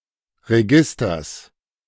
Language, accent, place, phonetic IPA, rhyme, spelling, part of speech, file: German, Germany, Berlin, [ʁeˈɡɪstɐs], -ɪstɐs, Registers, noun, De-Registers.ogg
- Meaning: plural of Register